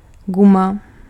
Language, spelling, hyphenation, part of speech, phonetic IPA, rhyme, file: Czech, guma, gu‧ma, noun, [ˈɡuma], -uma, Cs-guma.ogg
- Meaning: 1. rubber (material) 2. eraser, rubber 3. condom